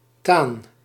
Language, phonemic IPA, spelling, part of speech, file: Dutch, /taːn/, taan, noun, Nl-taan.ogg
- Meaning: tan, liquid containing tannic acid used for tanning